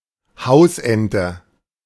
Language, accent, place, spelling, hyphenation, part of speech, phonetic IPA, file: German, Germany, Berlin, Hausente, Haus‧en‧te, noun, [ˈhaʊ̯sʔɛntə], De-Hausente.ogg
- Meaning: domestic duck (Anas platyrhynchos dom.)